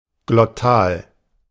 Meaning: glottal
- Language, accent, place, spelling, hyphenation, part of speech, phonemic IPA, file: German, Germany, Berlin, glottal, glot‧tal, adjective, /ɡlɔˈtaːl/, De-glottal.ogg